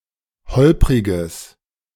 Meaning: strong/mixed nominative/accusative neuter singular of holprig
- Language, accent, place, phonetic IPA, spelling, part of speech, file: German, Germany, Berlin, [ˈhɔlpʁɪɡəs], holpriges, adjective, De-holpriges.ogg